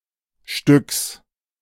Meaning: genitive singular of Stück
- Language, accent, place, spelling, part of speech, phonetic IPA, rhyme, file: German, Germany, Berlin, Stücks, noun, [ʃtʏks], -ʏks, De-Stücks.ogg